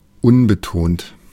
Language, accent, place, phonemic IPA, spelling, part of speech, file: German, Germany, Berlin, /ˈʊnbəˌtoːnt/, unbetont, adjective, De-unbetont.ogg
- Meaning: unstressed